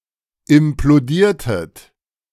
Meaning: inflection of implodieren: 1. second-person plural preterite 2. second-person plural subjunctive II
- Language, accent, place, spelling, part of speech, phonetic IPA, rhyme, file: German, Germany, Berlin, implodiertet, verb, [ɪmploˈdiːɐ̯tət], -iːɐ̯tət, De-implodiertet.ogg